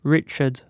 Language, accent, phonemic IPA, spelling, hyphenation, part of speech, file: English, UK, /ˈɹɪt͡ʃ.əd/, Richard, Rich‧ard, proper noun / noun, En-uk-richard.ogg
- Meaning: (proper noun) 1. A male given name from the Germanic languages 2. A surname originating as a patronymic; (noun) A turd